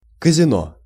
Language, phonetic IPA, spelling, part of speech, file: Russian, [kəzʲɪˈno], казино, noun, Ru-казино.ogg
- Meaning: casino